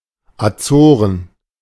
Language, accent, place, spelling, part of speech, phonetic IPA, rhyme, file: German, Germany, Berlin, Azoren, proper noun, [aˈt͡soːʁən], -oːʁən, De-Azoren.ogg
- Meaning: Azores (an archipelago and autonomous region of Portugal)